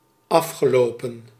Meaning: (adjective) 1. last, past 2. finished, ended; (verb) past participle of aflopen
- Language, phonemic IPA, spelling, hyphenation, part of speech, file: Dutch, /ˈɑfxəˌloːpə(n)/, afgelopen, af‧ge‧lo‧pen, adjective / verb, Nl-afgelopen.ogg